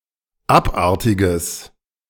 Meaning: strong/mixed nominative/accusative neuter singular of abartig
- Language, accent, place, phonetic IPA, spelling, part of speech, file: German, Germany, Berlin, [ˈapˌʔaʁtɪɡəs], abartiges, adjective, De-abartiges.ogg